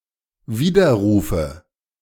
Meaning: nominative/accusative/genitive plural of Widerruf
- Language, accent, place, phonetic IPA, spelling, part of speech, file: German, Germany, Berlin, [ˈviːdɐˌʁuːfə], Widerrufe, noun, De-Widerrufe.ogg